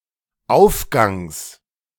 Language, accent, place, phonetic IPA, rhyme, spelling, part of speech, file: German, Germany, Berlin, [ˈaʊ̯fˌɡaŋs], -aʊ̯fɡaŋs, Aufgangs, noun, De-Aufgangs.ogg
- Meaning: genitive of Aufgang